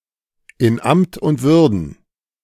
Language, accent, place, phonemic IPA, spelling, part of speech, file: German, Germany, Berlin, /ɪn ˈamt ʊnt ˈvʏʁdn̩/, in Amt und Würden, prepositional phrase, De-in Amt und Würden.ogg
- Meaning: in office